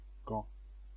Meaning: Ghent (the capital and largest city of East Flanders, Belgium)
- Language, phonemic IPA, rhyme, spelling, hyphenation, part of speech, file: French, /ɡɑ̃/, -ɑ̃, Gand, Gand, proper noun, Fr-Gand.ogg